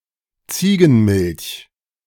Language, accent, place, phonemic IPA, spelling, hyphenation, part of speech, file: German, Germany, Berlin, /ˈt͡siːɡənˌmɪlç/, Ziegenmilch, Zie‧gen‧milch, noun, De-Ziegenmilch.ogg
- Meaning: goat milk